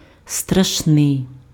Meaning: 1. terrible 2. scary
- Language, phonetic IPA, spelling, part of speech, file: Ukrainian, [strɐʃˈnɪi̯], страшний, adjective, Uk-страшний.ogg